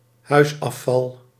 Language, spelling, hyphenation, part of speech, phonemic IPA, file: Dutch, huisafval, huis‧af‧val, noun, /ˈɦœy̯s.ɑˌfɑl/, Nl-huisafval.ogg
- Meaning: domestic waste